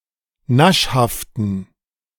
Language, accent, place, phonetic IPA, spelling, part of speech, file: German, Germany, Berlin, [ˈnaʃhaftn̩], naschhaften, adjective, De-naschhaften.ogg
- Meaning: inflection of naschhaft: 1. strong genitive masculine/neuter singular 2. weak/mixed genitive/dative all-gender singular 3. strong/weak/mixed accusative masculine singular 4. strong dative plural